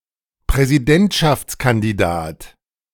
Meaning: presidential candidate, candidate for president, candidate for a presidency
- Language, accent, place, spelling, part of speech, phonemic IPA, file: German, Germany, Berlin, Präsidentschaftskandidat, noun, /pʁɛziˈdɛntʃafts.kandiˌdaːt/, De-Präsidentschaftskandidat.ogg